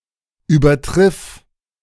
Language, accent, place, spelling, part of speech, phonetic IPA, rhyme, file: German, Germany, Berlin, übertriff, verb, [ˌyːbɐˈtʁɪf], -ɪf, De-übertriff.ogg
- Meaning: singular imperative of übertreffen